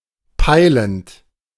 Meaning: present participle of peilen
- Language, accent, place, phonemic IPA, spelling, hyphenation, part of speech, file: German, Germany, Berlin, /ˈpaɪlənt/, peilend, pei‧lend, verb, De-peilend.ogg